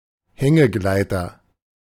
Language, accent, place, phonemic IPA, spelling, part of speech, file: German, Germany, Berlin, /ˈhɛŋəˌɡlaɪ̯tɐ/, Hängegleiter, noun, De-Hängegleiter.ogg
- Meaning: hang glider, hang-glider